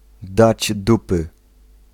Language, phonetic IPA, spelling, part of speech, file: Polish, [ˈdad͡ʑ ˈdupɨ], dać dupy, phrase, Pl-dać dupy.ogg